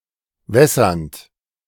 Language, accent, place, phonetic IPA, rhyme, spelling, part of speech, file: German, Germany, Berlin, [ˈvɛsɐnt], -ɛsɐnt, wässernd, verb, De-wässernd.ogg
- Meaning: present participle of wässern